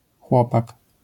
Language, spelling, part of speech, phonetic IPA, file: Polish, chłopak, noun, [ˈxwɔpak], LL-Q809 (pol)-chłopak.wav